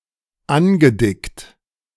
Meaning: past participle of andicken - thickened
- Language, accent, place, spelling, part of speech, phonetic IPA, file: German, Germany, Berlin, angedickt, verb, [ˈanɡəˌdɪkt], De-angedickt.ogg